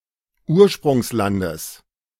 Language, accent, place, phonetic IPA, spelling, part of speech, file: German, Germany, Berlin, [ˈuːɐ̯ʃpʁʊŋsˌlandəs], Ursprungslandes, noun, De-Ursprungslandes.ogg
- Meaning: genitive of Ursprungsland